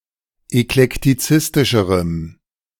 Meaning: strong dative masculine/neuter singular comparative degree of eklektizistisch
- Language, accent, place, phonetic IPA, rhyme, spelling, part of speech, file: German, Germany, Berlin, [ɛklɛktiˈt͡sɪstɪʃəʁəm], -ɪstɪʃəʁəm, eklektizistischerem, adjective, De-eklektizistischerem.ogg